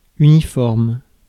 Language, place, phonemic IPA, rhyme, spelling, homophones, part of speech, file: French, Paris, /y.ni.fɔʁm/, -ɔʁm, uniforme, uniformes, adjective / noun, Fr-uniforme.ogg
- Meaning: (adjective) uniform (unvarying); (noun) a uniform